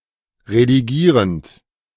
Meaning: present participle of redigieren
- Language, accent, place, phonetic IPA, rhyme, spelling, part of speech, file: German, Germany, Berlin, [ʁediˈɡiːʁənt], -iːʁənt, redigierend, verb, De-redigierend.ogg